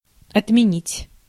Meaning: 1. to abolish 2. to cancel, to countermand, to disaffirm, to reverse 3. to repeal, to rescind, to abrogate, to revoke, to call off 4. to cancel, to cause moral panic against someone
- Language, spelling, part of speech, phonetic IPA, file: Russian, отменить, verb, [ɐtmʲɪˈnʲitʲ], Ru-отменить.ogg